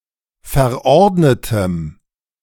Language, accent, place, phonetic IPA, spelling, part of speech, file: German, Germany, Berlin, [fɛɐ̯ˈʔɔʁdnətəm], verordnetem, adjective, De-verordnetem.ogg
- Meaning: strong dative masculine/neuter singular of verordnet